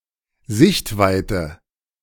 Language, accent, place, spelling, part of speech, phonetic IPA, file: German, Germany, Berlin, Sichtweite, noun, [ˈzɪçtˌvaɪ̯tə], De-Sichtweite.ogg
- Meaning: visibility